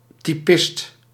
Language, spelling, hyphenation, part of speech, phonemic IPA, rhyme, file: Dutch, typist, ty‧pist, noun, /tiˈpɪst/, -ɪst, Nl-typist.ogg
- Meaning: a typist